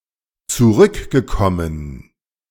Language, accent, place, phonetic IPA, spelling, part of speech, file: German, Germany, Berlin, [t͡suˈʁʏkɡəˌkɔmən], zurückgekommen, verb, De-zurückgekommen.ogg
- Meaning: past participle of zurückkommen